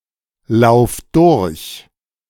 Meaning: singular imperative of durchlaufen
- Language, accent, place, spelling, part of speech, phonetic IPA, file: German, Germany, Berlin, lauf durch, verb, [ˌlaʊ̯f ˈdʊʁç], De-lauf durch.ogg